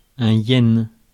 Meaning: yen (currency)
- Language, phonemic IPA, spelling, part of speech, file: French, /jɛn/, yen, noun, Fr-yen.ogg